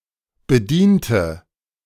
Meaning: inflection of bedienen: 1. first/third-person singular preterite 2. first/third-person singular subjunctive II
- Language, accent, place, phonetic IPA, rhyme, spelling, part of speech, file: German, Germany, Berlin, [bəˈdiːntə], -iːntə, bediente, adjective / verb, De-bediente.ogg